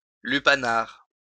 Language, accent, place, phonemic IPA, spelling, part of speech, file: French, France, Lyon, /ly.pa.naʁ/, lupanar, noun, LL-Q150 (fra)-lupanar.wav
- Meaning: brothel